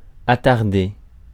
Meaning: 1. to delay; make late 2. to linger; stay late
- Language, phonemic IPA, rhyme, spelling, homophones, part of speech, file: French, /a.taʁ.de/, -e, attarder, attardai / attardé / attardée / attardées / attardés / attardez, verb, Fr-attarder.ogg